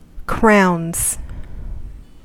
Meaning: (noun) plural of crown; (verb) third-person singular simple present indicative of crown
- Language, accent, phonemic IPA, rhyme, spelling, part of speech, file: English, US, /kɹaʊnz/, -aʊnz, crowns, noun / verb, En-us-crowns.ogg